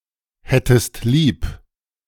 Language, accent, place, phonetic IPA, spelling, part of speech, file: German, Germany, Berlin, [ˌhɛtəst ˈliːp], hättest lieb, verb, De-hättest lieb.ogg
- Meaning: second-person singular subjunctive II of lieb haben